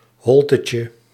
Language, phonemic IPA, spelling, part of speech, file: Dutch, /ˈɦɔl.tə.tjə/, holtetje, noun, Nl-holtetje.ogg
- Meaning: diminutive of holte